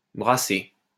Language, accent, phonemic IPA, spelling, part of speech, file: French, France, /bʁa.se/, brassée, noun, LL-Q150 (fra)-brassée.wav
- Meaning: armful